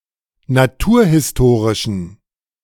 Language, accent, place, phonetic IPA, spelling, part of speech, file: German, Germany, Berlin, [naˈtuːɐ̯hɪsˌtoːʁɪʃn̩], naturhistorischen, adjective, De-naturhistorischen.ogg
- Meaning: inflection of naturhistorisch: 1. strong genitive masculine/neuter singular 2. weak/mixed genitive/dative all-gender singular 3. strong/weak/mixed accusative masculine singular 4. strong dative plural